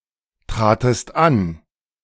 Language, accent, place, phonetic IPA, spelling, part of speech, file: German, Germany, Berlin, [ˌtʁaːtəst ˈan], tratest an, verb, De-tratest an.ogg
- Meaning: second-person singular preterite of antreten